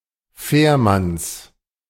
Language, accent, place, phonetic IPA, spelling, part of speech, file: German, Germany, Berlin, [ˈfɛːɐ̯ˌmans], Fährmanns, noun, De-Fährmanns.ogg
- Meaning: genitive of Fährmann